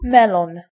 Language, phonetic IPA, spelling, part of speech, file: Polish, [ˈmɛlɔ̃n], melon, noun, Pl-melon.ogg